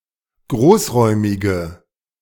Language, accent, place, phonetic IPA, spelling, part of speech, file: German, Germany, Berlin, [ˈɡʁoːsˌʁɔɪ̯mɪɡə], großräumige, adjective, De-großräumige.ogg
- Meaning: inflection of großräumig: 1. strong/mixed nominative/accusative feminine singular 2. strong nominative/accusative plural 3. weak nominative all-gender singular